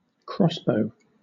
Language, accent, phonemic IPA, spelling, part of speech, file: English, Southern England, /ˈkɹɒsbəʊ/, crossbow, noun, LL-Q1860 (eng)-crossbow.wav
- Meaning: 1. A mechanised weapon, based on the bow and arrow, that shoots bolts 2. A portable ballista that can be held in the hand